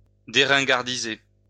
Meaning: to make un-outdated; to make something outdated be in fashion again
- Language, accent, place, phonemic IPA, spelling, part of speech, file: French, France, Lyon, /de.ʁɛ̃.ɡaʁ.di.ze/, déringardiser, verb, LL-Q150 (fra)-déringardiser.wav